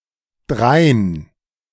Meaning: alternative form of darein
- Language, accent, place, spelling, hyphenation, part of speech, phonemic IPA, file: German, Germany, Berlin, drein, drein, adverb, /ˈdʁaɪ̯n/, De-drein.ogg